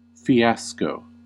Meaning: 1. A sudden or unexpected failure 2. A ludicrous or humiliating situation. Some effort that went quite wrong 3. A wine bottle in a (usually straw) jacket
- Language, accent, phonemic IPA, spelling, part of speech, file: English, US, /fiˈæs.koʊ/, fiasco, noun, En-us-fiasco.ogg